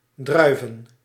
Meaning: plural of druif
- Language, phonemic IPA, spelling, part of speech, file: Dutch, /ˈdrœy̯və(n)/, druiven, noun, Nl-druiven.ogg